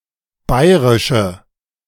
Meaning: inflection of bayrisch: 1. strong/mixed nominative/accusative feminine singular 2. strong nominative/accusative plural 3. weak nominative all-gender singular
- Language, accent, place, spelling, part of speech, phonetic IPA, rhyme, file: German, Germany, Berlin, bayrische, adjective, [ˈbaɪ̯ʁɪʃə], -aɪ̯ʁɪʃə, De-bayrische.ogg